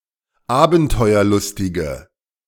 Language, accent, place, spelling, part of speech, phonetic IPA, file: German, Germany, Berlin, abenteuerlustige, adjective, [ˈaːbn̩tɔɪ̯ɐˌlʊstɪɡə], De-abenteuerlustige.ogg
- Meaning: inflection of abenteuerlustig: 1. strong/mixed nominative/accusative feminine singular 2. strong nominative/accusative plural 3. weak nominative all-gender singular